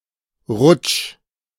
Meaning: trip; slip
- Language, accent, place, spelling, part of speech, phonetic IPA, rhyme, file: German, Germany, Berlin, Rutsch, noun, [ʁʊt͡ʃ], -ʊt͡ʃ, De-Rutsch.ogg